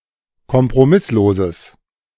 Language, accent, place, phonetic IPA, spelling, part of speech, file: German, Germany, Berlin, [kɔmpʁoˈmɪsloːzəs], kompromissloses, adjective, De-kompromissloses.ogg
- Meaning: strong/mixed nominative/accusative neuter singular of kompromisslos